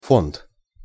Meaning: 1. fund 2. stock 3. fund, collection 4. foundation (endowed institution or charity)
- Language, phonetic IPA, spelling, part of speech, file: Russian, [font], фонд, noun, Ru-фонд.ogg